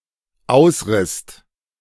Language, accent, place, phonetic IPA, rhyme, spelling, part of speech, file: German, Germany, Berlin, [ˈaʊ̯sˌʁɪst], -aʊ̯sʁɪst, ausrisst, verb, De-ausrisst.ogg
- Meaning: second-person singular/plural dependent preterite of ausreißen